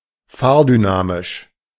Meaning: dynamic (of a vehicle)
- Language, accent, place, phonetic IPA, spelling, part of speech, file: German, Germany, Berlin, [ˈfaːɐ̯dyˌnaːmɪʃ], fahrdynamisch, adjective, De-fahrdynamisch.ogg